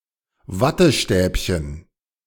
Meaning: cotton swab
- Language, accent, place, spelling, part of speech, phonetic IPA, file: German, Germany, Berlin, Wattestäbchen, noun, [ˈvatəˌʃtɛːpçən], De-Wattestäbchen.ogg